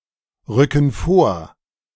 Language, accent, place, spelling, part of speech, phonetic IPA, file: German, Germany, Berlin, rücken vor, verb, [ˌʁʏkn̩ ˈfoːɐ̯], De-rücken vor.ogg
- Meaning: inflection of vorrücken: 1. first/third-person plural present 2. first/third-person plural subjunctive I